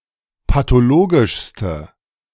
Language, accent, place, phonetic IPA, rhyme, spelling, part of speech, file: German, Germany, Berlin, [patoˈloːɡɪʃstə], -oːɡɪʃstə, pathologischste, adjective, De-pathologischste.ogg
- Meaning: inflection of pathologisch: 1. strong/mixed nominative/accusative feminine singular superlative degree 2. strong nominative/accusative plural superlative degree